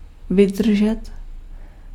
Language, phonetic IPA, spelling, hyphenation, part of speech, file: Czech, [ˈvɪdr̩ʒɛt], vydržet, vy‧dr‧žet, verb, Cs-vydržet.ogg
- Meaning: 1. to last, to hold out 2. to endure 3. to sustain, to support